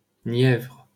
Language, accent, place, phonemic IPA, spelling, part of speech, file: French, France, Paris, /njɛvʁ/, Nièvre, proper noun, LL-Q150 (fra)-Nièvre.wav
- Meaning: 1. Nièvre (a department of Bourgogne-Franche-Comté, France) 2. Nièvre (a right tributary of the Loire in the department of Nièvre in central France)